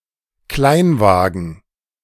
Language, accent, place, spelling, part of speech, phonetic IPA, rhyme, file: German, Germany, Berlin, Kleinwagen, noun, [ˈklaɪ̯nˌvaːɡn̩], -aɪ̯nvaːɡn̩, De-Kleinwagen.ogg
- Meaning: a small car